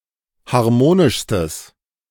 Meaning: strong/mixed nominative/accusative neuter singular superlative degree of harmonisch
- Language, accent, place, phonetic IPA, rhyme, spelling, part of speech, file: German, Germany, Berlin, [haʁˈmoːnɪʃstəs], -oːnɪʃstəs, harmonischstes, adjective, De-harmonischstes.ogg